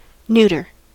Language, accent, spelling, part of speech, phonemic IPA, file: English, US, neuter, adjective / noun / verb, /ˈn(j)utɚ/, En-us-neuter.ogg
- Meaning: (adjective) 1. Neutral; on neither side; neither one thing nor another 2. Having a form which is not masculine nor feminine; or having a form which is not of common gender 3. Intransitive